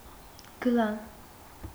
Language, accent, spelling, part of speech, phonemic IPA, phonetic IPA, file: Armenian, Eastern Armenian, գլան, noun, /ɡəˈlɑn/, [ɡəlɑ́n], Hy-գլան.ogg
- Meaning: 1. cylinder 2. roll